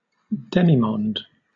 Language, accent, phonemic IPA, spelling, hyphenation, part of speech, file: English, Southern England, /ˈdɛmiːmɒnd/, demimonde, de‧mi‧monde, noun, LL-Q1860 (eng)-demimonde.wav
- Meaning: 1. A class of women maintained by wealthy protectors; female courtesans or prostitutes as a group 2. A group having little respect or reputation 3. A member of such a class or group of persons